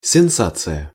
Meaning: sensation (widespread excitement)
- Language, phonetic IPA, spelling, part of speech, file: Russian, [sʲɪnˈsat͡sɨjə], сенсация, noun, Ru-сенсация.ogg